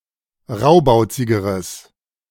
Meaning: strong/mixed nominative/accusative neuter singular comparative degree of raubauzig
- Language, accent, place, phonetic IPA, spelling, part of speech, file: German, Germany, Berlin, [ˈʁaʊ̯baʊ̯t͡sɪɡəʁəs], raubauzigeres, adjective, De-raubauzigeres.ogg